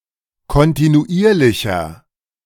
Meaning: inflection of kontinuierlich: 1. strong/mixed nominative masculine singular 2. strong genitive/dative feminine singular 3. strong genitive plural
- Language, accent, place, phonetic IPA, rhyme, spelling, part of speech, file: German, Germany, Berlin, [kɔntinuˈʔiːɐ̯lɪçɐ], -iːɐ̯lɪçɐ, kontinuierlicher, adjective, De-kontinuierlicher.ogg